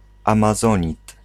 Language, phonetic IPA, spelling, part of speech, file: Polish, [ˌãmaˈzɔ̃ɲit], amazonit, noun, Pl-amazonit.ogg